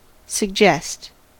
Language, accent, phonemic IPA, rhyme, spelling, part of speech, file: English, US, /sə(ɡ)ˈd͡ʒɛst/, -ɛst, suggest, verb, En-us-suggest.ogg
- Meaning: 1. To imply but stop short of explicitly stating (something) 2. To cause one to suppose (something); to bring to one's mind the idea (of something)